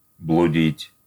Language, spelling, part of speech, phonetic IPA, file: Russian, блудить, verb, [bɫʊˈdʲitʲ], Ru-блудить.ogg
- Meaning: 1. to wander, to roam 2. to fornicate, to whore around